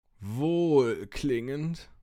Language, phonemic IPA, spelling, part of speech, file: German, /ˈvoːlˌklɪŋənt/, wohlklingend, adjective, De-wohlklingend.ogg
- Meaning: 1. euphonious, melodious, dulcet 2. well-meaning